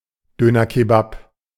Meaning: doner kebab
- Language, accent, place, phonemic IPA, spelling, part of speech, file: German, Germany, Berlin, /ˈdøːnɐˌkeːbap/, Döner Kebab, noun, De-Döner Kebab.ogg